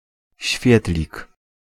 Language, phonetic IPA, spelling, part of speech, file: Polish, [ˈɕfʲjɛtlʲik], świetlik, noun, Pl-świetlik.ogg